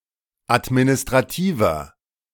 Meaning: inflection of administrativ: 1. strong/mixed nominative masculine singular 2. strong genitive/dative feminine singular 3. strong genitive plural
- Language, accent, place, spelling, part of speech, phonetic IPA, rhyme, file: German, Germany, Berlin, administrativer, adjective, [atminɪstʁaˈtiːvɐ], -iːvɐ, De-administrativer.ogg